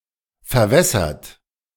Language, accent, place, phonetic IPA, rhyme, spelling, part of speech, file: German, Germany, Berlin, [fɛɐ̯ˈvɛsɐt], -ɛsɐt, verwässert, verb, De-verwässert.ogg
- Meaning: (verb) past participle of verwässern; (adjective) watered-down; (verb) inflection of verwässern: 1. third-person singular present 2. second-person plural present 3. plural imperative